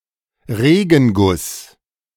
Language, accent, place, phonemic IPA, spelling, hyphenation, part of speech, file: German, Germany, Berlin, /ˈʁeːɡn̩ˌɡʊs/, Regenguss, Re‧gen‧guss, noun, De-Regenguss.ogg
- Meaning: heavy shower, downpour